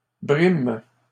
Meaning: third-person plural present indicative/subjunctive of brimer
- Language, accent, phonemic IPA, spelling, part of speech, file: French, Canada, /bʁim/, briment, verb, LL-Q150 (fra)-briment.wav